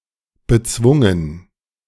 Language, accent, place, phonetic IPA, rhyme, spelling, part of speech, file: German, Germany, Berlin, [bəˈt͡svʊŋən], -ʊŋən, bezwungen, verb, De-bezwungen.ogg
- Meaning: past participle of bezwingen